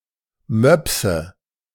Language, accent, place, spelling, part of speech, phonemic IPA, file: German, Germany, Berlin, Möpse, noun, /ˈmœpsə/, De-Möpse.ogg
- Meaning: 1. nominative/accusative/genitive plural of Mops 2. breasts